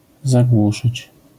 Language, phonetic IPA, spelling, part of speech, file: Polish, [zaˈɡwuʃɨt͡ɕ], zagłuszyć, verb, LL-Q809 (pol)-zagłuszyć.wav